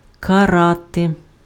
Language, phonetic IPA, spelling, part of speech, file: Ukrainian, [kɐˈrate], карати, verb / noun, Uk-карати.ogg
- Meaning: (verb) 1. to punish, chastise, castigate 2. to torment; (noun) 1. nominative plural of кара́т (karát) 2. accusative plural of кара́т (karát) 3. vocative plural of кара́т (karát)